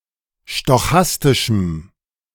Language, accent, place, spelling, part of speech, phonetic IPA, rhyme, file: German, Germany, Berlin, stochastischem, adjective, [ʃtɔˈxastɪʃm̩], -astɪʃm̩, De-stochastischem.ogg
- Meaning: strong dative masculine/neuter singular of stochastisch